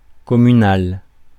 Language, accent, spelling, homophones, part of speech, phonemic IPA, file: French, France, communal, communale / communales, adjective, /kɔ.my.nal/, Fr-communal.ogg
- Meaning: commune